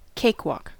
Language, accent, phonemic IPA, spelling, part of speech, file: English, US, /ˈkeɪk.wɔk/, cakewalk, noun / verb, En-us-cakewalk.ogg
- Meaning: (noun) 1. A contest in which cake was offered for the best dancers 2. The style of music associated with such a contest 3. The dance, or strutting style of dance, associated with such a contest